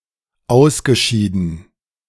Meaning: past participle of ausscheiden
- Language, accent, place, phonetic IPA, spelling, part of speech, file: German, Germany, Berlin, [ˈaʊ̯sɡəˌʃiːdn̩], ausgeschieden, verb, De-ausgeschieden.ogg